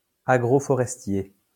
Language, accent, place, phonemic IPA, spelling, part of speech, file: French, France, Lyon, /a.ɡʁo.fɔ.ʁɛs.tje/, agroforestier, adjective / noun, LL-Q150 (fra)-agroforestier.wav
- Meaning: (adjective) agroforestry; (noun) agroforester